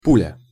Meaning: 1. bullet (projectile) 2. cartridge (assembled package of bullet, primer and casing)
- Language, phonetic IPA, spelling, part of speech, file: Russian, [ˈpulʲə], пуля, noun, Ru-пуля.ogg